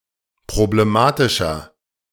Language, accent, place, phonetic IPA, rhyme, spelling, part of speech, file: German, Germany, Berlin, [pʁobleˈmaːtɪʃɐ], -aːtɪʃɐ, problematischer, adjective, De-problematischer.ogg
- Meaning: 1. comparative degree of problematisch 2. inflection of problematisch: strong/mixed nominative masculine singular 3. inflection of problematisch: strong genitive/dative feminine singular